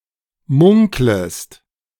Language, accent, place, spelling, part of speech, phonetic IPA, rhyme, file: German, Germany, Berlin, munklest, verb, [ˈmʊŋkləst], -ʊŋkləst, De-munklest.ogg
- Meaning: second-person singular subjunctive I of munkeln